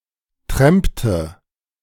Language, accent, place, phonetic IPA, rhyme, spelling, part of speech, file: German, Germany, Berlin, [ˈtʁɛmptə], -ɛmptə, trampte, verb, De-trampte.ogg
- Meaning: inflection of trampen: 1. first/third-person singular preterite 2. first/third-person singular subjunctive II